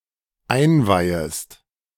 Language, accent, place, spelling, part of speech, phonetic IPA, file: German, Germany, Berlin, einweihest, verb, [ˈaɪ̯nˌvaɪ̯əst], De-einweihest.ogg
- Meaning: second-person singular dependent subjunctive I of einweihen